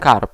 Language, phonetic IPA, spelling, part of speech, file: Polish, [karp], karp, noun, Pl-karp.ogg